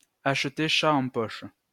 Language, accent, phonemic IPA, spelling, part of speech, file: French, France, /aʃ.te ʃa ɑ̃ pɔʃ/, acheter chat en poche, verb, LL-Q150 (fra)-acheter chat en poche.wav
- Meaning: to purchase without seeing the object in question; to buy on trust; to be sold a pig in a poke